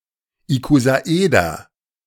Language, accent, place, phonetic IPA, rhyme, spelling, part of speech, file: German, Germany, Berlin, [ikozaˈʔeːdɐ], -eːdɐ, Ikosaeder, noun, De-Ikosaeder.ogg
- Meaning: icosahedron